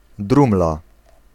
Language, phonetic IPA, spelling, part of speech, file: Polish, [ˈdrũmla], drumla, noun, Pl-drumla.ogg